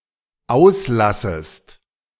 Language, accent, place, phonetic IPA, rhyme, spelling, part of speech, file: German, Germany, Berlin, [ˈaʊ̯sˌlasəst], -aʊ̯slasəst, auslassest, verb, De-auslassest.ogg
- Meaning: second-person singular dependent subjunctive I of auslassen